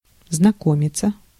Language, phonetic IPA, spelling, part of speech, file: Russian, [znɐˈkomʲɪt͡sə], знакомиться, verb, Ru-знакомиться.ogg
- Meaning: 1. to meet, to make the acquaintance, to make someone’s acquaintance, to get acquainted 2. to familiarize oneself, to go into 3. to visit, to see 4. passive of знако́мить (znakómitʹ)